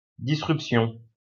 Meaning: break; fracture
- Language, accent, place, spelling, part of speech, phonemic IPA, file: French, France, Lyon, disruption, noun, /di.sʁyp.sjɔ̃/, LL-Q150 (fra)-disruption.wav